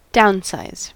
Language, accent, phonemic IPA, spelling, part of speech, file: English, US, /ˈdaʊnsaɪz/, downsize, verb, En-us-downsize.ogg
- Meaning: 1. To reduce in size or number 2. To reduce the workforce of 3. To terminate the employment of